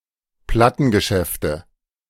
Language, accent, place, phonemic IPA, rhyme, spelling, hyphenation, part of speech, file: German, Germany, Berlin, /ˈplatənɡəˌʃɛftə/, -ɛftə, Plattengeschäfte, Plat‧ten‧ge‧schäf‧te, noun, De-Plattengeschäfte.ogg
- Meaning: nominative/accusative/genitive plural of Plattengeschäft